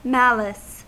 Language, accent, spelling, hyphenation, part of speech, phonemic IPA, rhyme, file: English, US, malice, mal‧ice, noun / verb, /ˈmælɪs/, -ælɪs, En-us-malice.ogg
- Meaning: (noun) Intention to harm or deprive in an illegal or immoral way. Desire to take pleasure in another's misfortune